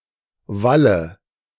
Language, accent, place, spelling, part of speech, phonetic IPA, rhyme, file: German, Germany, Berlin, walle, verb, [ˈvalə], -alə, De-walle.ogg
- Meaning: inflection of wallen: 1. first-person singular present 2. first/third-person singular subjunctive I 3. singular imperative